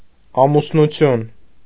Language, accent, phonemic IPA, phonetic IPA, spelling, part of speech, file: Armenian, Eastern Armenian, /ɑmusnuˈtʰjun/, [ɑmusnut͡sʰjún], ամուսնություն, noun, Hy-ամուսնություն.ogg
- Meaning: marriage, matrimony, wedlock